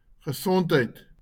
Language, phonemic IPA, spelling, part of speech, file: Afrikaans, /χəˈsɔntˌɦəi̯t/, gesondheid, noun / interjection, LL-Q14196 (afr)-gesondheid.wav
- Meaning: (noun) health, healthiness; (interjection) cheers!